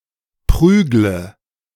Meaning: inflection of prügeln: 1. first-person singular present 2. singular imperative 3. first/third-person singular subjunctive I
- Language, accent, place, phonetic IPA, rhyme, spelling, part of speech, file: German, Germany, Berlin, [ˈpʁyːɡlə], -yːɡlə, prügle, verb, De-prügle.ogg